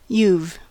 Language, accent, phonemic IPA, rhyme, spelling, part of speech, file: English, US, /juv/, -uːv, you've, contraction, En-us-you've.ogg
- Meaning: Contraction of you + have